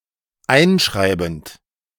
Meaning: present participle of einschreiben
- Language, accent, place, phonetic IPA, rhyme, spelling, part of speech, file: German, Germany, Berlin, [ˈaɪ̯nˌʃʁaɪ̯bn̩t], -aɪ̯nʃʁaɪ̯bn̩t, einschreibend, verb, De-einschreibend.ogg